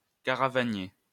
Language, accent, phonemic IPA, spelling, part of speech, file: French, France, /ka.ʁa.va.nje/, caravanier, noun, LL-Q150 (fra)-caravanier.wav
- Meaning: caravanner (all senses)